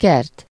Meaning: garden (an outdoor area containing one or more types of plants)
- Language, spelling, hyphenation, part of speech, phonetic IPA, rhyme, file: Hungarian, kert, kert, noun, [ˈkɛrt], -ɛrt, Hu-kert.ogg